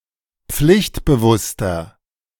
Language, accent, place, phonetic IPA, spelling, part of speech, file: German, Germany, Berlin, [ˈp͡flɪçtbəˌvʊstɐ], pflichtbewusster, adjective, De-pflichtbewusster.ogg
- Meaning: 1. comparative degree of pflichtbewusst 2. inflection of pflichtbewusst: strong/mixed nominative masculine singular 3. inflection of pflichtbewusst: strong genitive/dative feminine singular